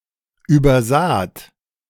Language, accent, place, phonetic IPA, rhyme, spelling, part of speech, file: German, Germany, Berlin, [ˌyːbɐˈzaːt], -aːt, übersaht, verb, De-übersaht.ogg
- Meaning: second-person plural preterite of übersehen